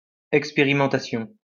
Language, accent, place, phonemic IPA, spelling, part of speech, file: French, France, Lyon, /ɛk.spe.ʁi.mɑ̃.ta.sjɔ̃/, expérimentation, noun, LL-Q150 (fra)-expérimentation.wav
- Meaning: experimentation